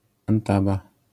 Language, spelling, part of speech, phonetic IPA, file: Polish, antaba, noun, [ãnˈtaba], LL-Q809 (pol)-antaba.wav